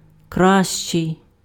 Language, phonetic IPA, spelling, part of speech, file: Ukrainian, [ˈkraʃt͡ʃei̯], кращий, adjective, Uk-кращий.ogg
- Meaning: 1. comparative degree of краси́вий (krasývyj) 2. comparative degree of га́рний (hárnyj), of до́брий (dóbryj) and of хоро́ший (xoróšyj): better